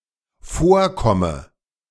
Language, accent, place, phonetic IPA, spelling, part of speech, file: German, Germany, Berlin, [ˈfoːɐ̯ˌkɔmə], vorkomme, verb, De-vorkomme.ogg
- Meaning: inflection of vorkommen: 1. first-person singular dependent present 2. first/third-person singular dependent subjunctive I